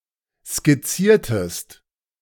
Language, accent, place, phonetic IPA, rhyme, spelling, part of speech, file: German, Germany, Berlin, [skɪˈt͡siːɐ̯təst], -iːɐ̯təst, skizziertest, verb, De-skizziertest.ogg
- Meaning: inflection of skizzieren: 1. second-person singular preterite 2. second-person singular subjunctive II